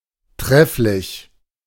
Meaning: splendid, excellent
- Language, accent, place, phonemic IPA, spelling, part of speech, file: German, Germany, Berlin, /ˈtʁɛflɪç/, trefflich, adjective, De-trefflich.ogg